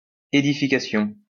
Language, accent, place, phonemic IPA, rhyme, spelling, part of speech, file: French, France, Lyon, /e.di.fi.ka.sjɔ̃/, -ɔ̃, édification, noun, LL-Q150 (fra)-édification.wav
- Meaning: building, edification (act of building)